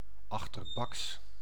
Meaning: sneaky, underhand, deceitful, two-faced
- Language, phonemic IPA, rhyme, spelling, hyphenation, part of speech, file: Dutch, /ˌɑx.tərˈbɑks/, -ɑks, achterbaks, ach‧ter‧baks, adjective, Nl-achterbaks.ogg